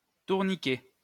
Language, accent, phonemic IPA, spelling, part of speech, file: French, France, /tuʁ.ni.kɛ/, tourniquet, noun, LL-Q150 (fra)-tourniquet.wav
- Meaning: 1. unpowered carousel (playground) 2. revolving door or turnstile